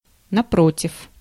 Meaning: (adverb) 1. (no,) quite the opposite; no, in fact... 2. on the contrary, in contrast, by contrast, conversely, on the other hand, however 3. rather, instead
- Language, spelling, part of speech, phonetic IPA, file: Russian, напротив, adverb / preposition, [nɐˈprotʲɪf], Ru-напротив.ogg